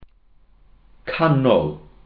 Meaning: centre, middle
- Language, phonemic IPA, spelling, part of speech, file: Welsh, /ˈkanɔl/, canol, noun, Cy-canol.ogg